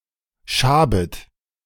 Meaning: second-person plural subjunctive I of schaben
- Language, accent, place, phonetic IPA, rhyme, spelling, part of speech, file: German, Germany, Berlin, [ˈʃaːbət], -aːbət, schabet, verb, De-schabet.ogg